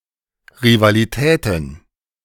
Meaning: plural of Rivalität
- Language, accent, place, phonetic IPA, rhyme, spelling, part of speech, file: German, Germany, Berlin, [ʁivaliˈtɛːtn̩], -ɛːtn̩, Rivalitäten, noun, De-Rivalitäten.ogg